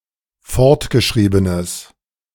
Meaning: strong/mixed nominative/accusative neuter singular of fortgeschrieben
- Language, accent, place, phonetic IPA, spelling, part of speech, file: German, Germany, Berlin, [ˈfɔʁtɡəˌʃʁiːbənəs], fortgeschriebenes, adjective, De-fortgeschriebenes.ogg